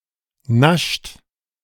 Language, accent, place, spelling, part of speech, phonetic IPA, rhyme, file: German, Germany, Berlin, nascht, verb, [naʃt], -aʃt, De-nascht.ogg
- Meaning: inflection of naschen: 1. third-person singular present 2. second-person plural present 3. plural imperative